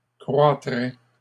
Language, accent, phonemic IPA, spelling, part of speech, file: French, Canada, /kʁwa.tʁɛ/, croîtraient, verb, LL-Q150 (fra)-croîtraient.wav
- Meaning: third-person plural conditional of croître